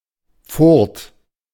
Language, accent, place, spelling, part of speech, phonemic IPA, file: German, Germany, Berlin, Furt, noun, /fʊrt/, De-Furt.ogg
- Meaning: ford (shallow river crossing)